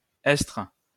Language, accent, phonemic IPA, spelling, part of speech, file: French, France, /ɛtʁ/, estre, verb, LL-Q150 (fra)-estre.wav
- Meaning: archaic spelling of être